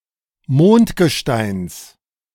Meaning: genitive singular of Mondgestein
- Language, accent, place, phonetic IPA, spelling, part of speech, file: German, Germany, Berlin, [ˈmoːntɡəˌʃtaɪ̯ns], Mondgesteins, noun, De-Mondgesteins.ogg